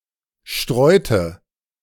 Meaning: inflection of streuen: 1. first/third-person singular preterite 2. first/third-person singular subjunctive II
- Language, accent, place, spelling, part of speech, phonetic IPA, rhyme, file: German, Germany, Berlin, streute, verb, [ˈʃtʁɔɪ̯tə], -ɔɪ̯tə, De-streute.ogg